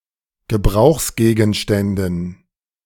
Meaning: dative plural of Gebrauchsgegenstand
- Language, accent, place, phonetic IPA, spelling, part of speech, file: German, Germany, Berlin, [ɡəˈbʁaʊ̯xsɡeːɡn̩ˌʃtɛndn̩], Gebrauchsgegenständen, noun, De-Gebrauchsgegenständen.ogg